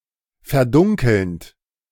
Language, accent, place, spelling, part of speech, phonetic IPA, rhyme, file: German, Germany, Berlin, verdunkelnd, verb, [fɛɐ̯ˈdʊŋkl̩nt], -ʊŋkl̩nt, De-verdunkelnd.ogg
- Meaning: present participle of verdunkeln